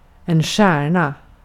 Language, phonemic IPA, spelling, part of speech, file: Swedish, /ˈɧɛːrˌna/, stjärna, noun, Sv-stjärna.ogg
- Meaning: 1. a star (celestial body) 2. a star (famous or talented person) 3. a star 4. star (horse facial marking)